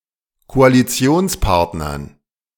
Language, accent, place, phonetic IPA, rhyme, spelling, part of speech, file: German, Germany, Berlin, [koaliˈt͡si̯oːnsˌpaʁtnɐn], -oːnspaʁtnɐn, Koalitionspartnern, noun, De-Koalitionspartnern.ogg
- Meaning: dative plural of Koalitionspartner